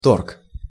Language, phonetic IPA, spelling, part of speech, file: Russian, [tork], торг, noun, Ru-торг.ogg
- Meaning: 1. haggling, bargaining 2. auction 3. market, mart, bazaar 4. trade, transaction